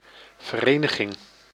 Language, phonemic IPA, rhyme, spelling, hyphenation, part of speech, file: Dutch, /vərˈeː.nə.ɣɪŋ/, -eːnəɣɪŋ, vereniging, ver‧eni‧ging, noun, Nl-vereniging.ogg
- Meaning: 1. association 2. unification 3. union